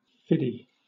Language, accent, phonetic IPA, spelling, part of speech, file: English, Southern England, [ˈfɪɾi], fiddy, numeral / noun, LL-Q1860 (eng)-fiddy.wav
- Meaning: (numeral) Pronunciation spelling of fifty; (noun) Pronunciation spelling of fifty; especially a 50-caliber machine gun